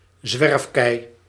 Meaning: a glacial erratic, a boulder that has been transported by a glacier
- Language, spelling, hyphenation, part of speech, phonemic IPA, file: Dutch, zwerfkei, zwerf‧kei, noun, /ˈzʋɛrf.kɛi̯/, Nl-zwerfkei.ogg